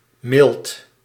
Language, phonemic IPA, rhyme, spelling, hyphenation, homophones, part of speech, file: Dutch, /mɪlt/, -ɪlt, milt, milt, mild / Milt, noun, Nl-milt.ogg
- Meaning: spleen